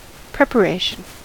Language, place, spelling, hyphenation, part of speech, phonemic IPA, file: English, California, preparation, prep‧a‧ra‧tion, noun, /ˌpɹɛpəˈɹeɪʃ(ə)n/, En-us-preparation.ogg
- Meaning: 1. The act of preparing or getting ready 2. The state of being prepared; readiness 3. That which is prepared.: A substance, especially a remedy, that is prepared